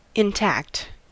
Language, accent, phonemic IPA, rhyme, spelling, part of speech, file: English, US, /ɪnˈtækt/, -ækt, intact, adjective, En-us-intact.ogg
- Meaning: 1. Left complete or whole; not touched, defiled, sullied, or otherwise damaged 2. Virginal; having an intact hymen 3. Uncircumcised; having an intact foreskin 4. Not castrated